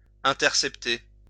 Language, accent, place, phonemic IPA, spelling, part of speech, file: French, France, Lyon, /ɛ̃.tɛʁ.sɛp.te/, intercepter, verb, LL-Q150 (fra)-intercepter.wav
- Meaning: to intercept